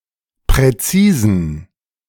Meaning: inflection of präzis: 1. strong genitive masculine/neuter singular 2. weak/mixed genitive/dative all-gender singular 3. strong/weak/mixed accusative masculine singular 4. strong dative plural
- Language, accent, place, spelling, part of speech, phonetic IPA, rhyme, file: German, Germany, Berlin, präzisen, adjective, [pʁɛˈt͡siːzn̩], -iːzn̩, De-präzisen.ogg